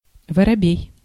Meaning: sparrow
- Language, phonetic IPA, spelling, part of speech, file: Russian, [vərɐˈbʲej], воробей, noun, Ru-воробей.ogg